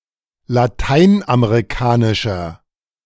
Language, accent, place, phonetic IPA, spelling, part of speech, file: German, Germany, Berlin, [laˈtaɪ̯nʔameʁiˌkaːnɪʃɐ], lateinamerikanischer, adjective, De-lateinamerikanischer.ogg
- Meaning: inflection of lateinamerikanisch: 1. strong/mixed nominative masculine singular 2. strong genitive/dative feminine singular 3. strong genitive plural